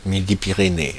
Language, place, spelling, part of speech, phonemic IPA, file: French, Paris, Midi-Pyrénées, proper noun, /mi.di.pi.ʁe.ne/, Fr-Midi-Pyrénées.oga
- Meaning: Midi-Pyrénées (a former administrative region of France; since 2016, part of the administrative region of Occitania)